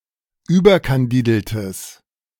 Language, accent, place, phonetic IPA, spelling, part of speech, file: German, Germany, Berlin, [ˈyːbɐkanˌdiːdl̩təs], überkandideltes, adjective, De-überkandideltes.ogg
- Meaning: strong/mixed nominative/accusative neuter singular of überkandidelt